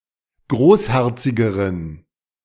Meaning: inflection of großherzig: 1. strong genitive masculine/neuter singular comparative degree 2. weak/mixed genitive/dative all-gender singular comparative degree
- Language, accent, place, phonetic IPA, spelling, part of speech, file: German, Germany, Berlin, [ˈɡʁoːsˌhɛʁt͡sɪɡəʁən], großherzigeren, adjective, De-großherzigeren.ogg